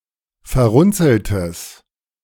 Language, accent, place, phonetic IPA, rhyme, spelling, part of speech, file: German, Germany, Berlin, [fɛɐ̯ˈʁʊnt͡sl̩təs], -ʊnt͡sl̩təs, verrunzeltes, adjective, De-verrunzeltes.ogg
- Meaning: strong/mixed nominative/accusative neuter singular of verrunzelt